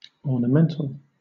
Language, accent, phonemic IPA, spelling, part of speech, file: English, Southern England, /ˌɔː.nəˈmɛn.təl/, ornamental, adjective / noun, LL-Q1860 (eng)-ornamental.wav
- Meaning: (adjective) 1. Serving as an ornament; having no purpose other than to make more beautiful 2. Bred for aesthetic or decorative purposes; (noun) An ornamental plant